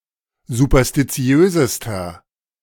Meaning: inflection of superstitiös: 1. strong/mixed nominative masculine singular superlative degree 2. strong genitive/dative feminine singular superlative degree 3. strong genitive plural superlative degree
- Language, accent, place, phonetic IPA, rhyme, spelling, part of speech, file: German, Germany, Berlin, [zupɐstiˈt͡si̯øːzəstɐ], -øːzəstɐ, superstitiösester, adjective, De-superstitiösester.ogg